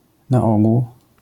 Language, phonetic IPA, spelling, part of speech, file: Polish, [na‿ˈɔɡuw], na ogół, adverbial phrase, LL-Q809 (pol)-na ogół.wav